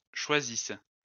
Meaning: inflection of choisir: 1. first/third-person singular present subjunctive 2. first-person singular imperfect subjunctive
- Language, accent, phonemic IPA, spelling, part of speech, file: French, France, /ʃwa.zis/, choisisse, verb, LL-Q150 (fra)-choisisse.wav